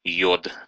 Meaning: iodine
- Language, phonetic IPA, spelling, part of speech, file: Russian, [jɵt], йод, noun, Ru-йод.ogg